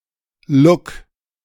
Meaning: look
- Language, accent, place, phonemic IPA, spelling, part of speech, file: German, Germany, Berlin, /lʊk/, Look, noun, De-Look.ogg